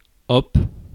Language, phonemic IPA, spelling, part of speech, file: French, /ɔp/, hop, interjection, Fr-hop.ogg
- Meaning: voila!, hey presto!